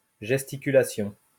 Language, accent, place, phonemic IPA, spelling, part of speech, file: French, France, Lyon, /ʒɛs.ti.ky.la.sjɔ̃/, gesticulation, noun, LL-Q150 (fra)-gesticulation.wav
- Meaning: gesticulation, movements, gesturing